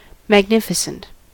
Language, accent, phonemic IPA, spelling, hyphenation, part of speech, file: English, US, /mæɡˈnɪfəsənt/, magnificent, mag‧nif‧i‧cent, adjective, En-us-magnificent.ogg
- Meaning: 1. Grand, elegant or splendid in appearance 2. Grand or noble in action 3. Exceptional for its kind